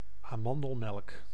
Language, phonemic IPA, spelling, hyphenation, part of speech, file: Dutch, /aːˈmɑn.dəlˌmɛlk/, amandelmelk, aman‧del‧melk, noun, Nl-amandelmelk.ogg
- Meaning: almond milk